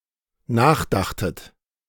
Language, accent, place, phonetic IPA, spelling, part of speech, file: German, Germany, Berlin, [ˈnaːxˌdaxtət], nachdachtet, verb, De-nachdachtet.ogg
- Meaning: second-person plural dependent preterite of nachdenken